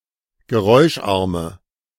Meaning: inflection of geräuscharm: 1. strong/mixed nominative/accusative feminine singular 2. strong nominative/accusative plural 3. weak nominative all-gender singular
- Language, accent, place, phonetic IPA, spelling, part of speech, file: German, Germany, Berlin, [ɡəˈʁɔɪ̯ʃˌʔaʁmə], geräuscharme, adjective, De-geräuscharme.ogg